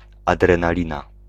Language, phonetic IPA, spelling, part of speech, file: Polish, [ˌadrɛ̃naˈlʲĩna], adrenalina, noun, Pl-adrenalina.ogg